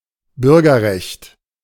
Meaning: 1. citizenship 2. civil rights
- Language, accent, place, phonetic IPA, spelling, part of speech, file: German, Germany, Berlin, [ˈbʏʁɡɐˌʁɛçt], Bürgerrecht, noun, De-Bürgerrecht.ogg